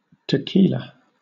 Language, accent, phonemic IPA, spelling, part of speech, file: English, Southern England, /ˌtəˈkiː.lə/, tequila, noun, LL-Q1860 (eng)-tequila.wav
- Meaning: An alcoholic liquor distilled from the fermented juice of the Central American century plant Agave tequilana